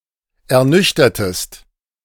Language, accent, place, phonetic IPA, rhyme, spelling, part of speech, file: German, Germany, Berlin, [ɛɐ̯ˈnʏçtɐtəst], -ʏçtɐtəst, ernüchtertest, verb, De-ernüchtertest.ogg
- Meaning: inflection of ernüchtern: 1. second-person singular preterite 2. second-person singular subjunctive II